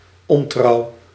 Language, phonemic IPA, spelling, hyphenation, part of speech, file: Dutch, /ˈɔn.trɑu̯/, ontrouw, on‧trouw, noun, Nl-ontrouw.ogg
- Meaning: infidelity, disloyalty